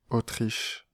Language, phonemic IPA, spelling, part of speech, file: French, /o.tʁiʃ/, Autriche, proper noun, Fr-Autriche.ogg
- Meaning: Austria (a country in Central Europe)